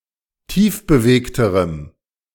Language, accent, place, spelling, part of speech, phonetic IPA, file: German, Germany, Berlin, tiefbewegterem, adjective, [ˈtiːfbəˌveːktəʁəm], De-tiefbewegterem.ogg
- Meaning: strong dative masculine/neuter singular comparative degree of tiefbewegt